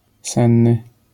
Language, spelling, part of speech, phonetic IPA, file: Polish, senny, adjective, [ˈsɛ̃nːɨ], LL-Q809 (pol)-senny.wav